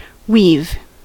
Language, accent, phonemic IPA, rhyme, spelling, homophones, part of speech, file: English, US, /wiːv/, -iːv, weave, we've, verb / noun, En-us-weave.ogg
- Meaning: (verb) 1. To form something by passing lengths or strands of material over and under one another 2. To spin a cocoon or a web 3. To unite by close connection or intermixture